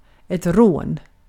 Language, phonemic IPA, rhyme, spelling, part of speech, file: Swedish, /roːn/, -oːn, rån, noun, Sv-rån.ogg
- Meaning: 1. a robbery (act or practice of robbing) 2. a wafer (type of biscuit) 3. inflection of rå: definite singular 4. inflection of rå: indefinite plural